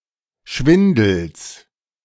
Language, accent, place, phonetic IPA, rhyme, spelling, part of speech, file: German, Germany, Berlin, [ˈʃvɪndl̩s], -ɪndl̩s, Schwindels, noun, De-Schwindels.ogg
- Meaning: genitive singular of Schwindel